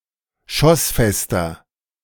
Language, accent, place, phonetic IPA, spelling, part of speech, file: German, Germany, Berlin, [ˈʃɔsˌfɛstɐ], schossfester, adjective, De-schossfester.ogg
- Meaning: 1. comparative degree of schossfest 2. inflection of schossfest: strong/mixed nominative masculine singular 3. inflection of schossfest: strong genitive/dative feminine singular